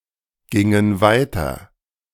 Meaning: inflection of weitergehen: 1. first/third-person plural preterite 2. first/third-person plural subjunctive II
- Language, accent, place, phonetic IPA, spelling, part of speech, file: German, Germany, Berlin, [ˌɡɪŋən ˈvaɪ̯tɐ], gingen weiter, verb, De-gingen weiter.ogg